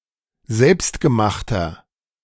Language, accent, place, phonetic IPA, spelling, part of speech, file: German, Germany, Berlin, [ˈzɛlpstɡəˌmaxtɐ], selbstgemachter, adjective, De-selbstgemachter.ogg
- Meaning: inflection of selbstgemacht: 1. strong/mixed nominative masculine singular 2. strong genitive/dative feminine singular 3. strong genitive plural